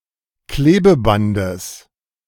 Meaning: genitive of Klebeband
- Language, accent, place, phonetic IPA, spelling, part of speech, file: German, Germany, Berlin, [ˈkleːbəˌbandəs], Klebebandes, noun, De-Klebebandes.ogg